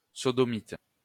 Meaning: sodomist, sodomite
- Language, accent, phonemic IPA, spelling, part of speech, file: French, France, /sɔ.dɔ.mit/, sodomite, noun, LL-Q150 (fra)-sodomite.wav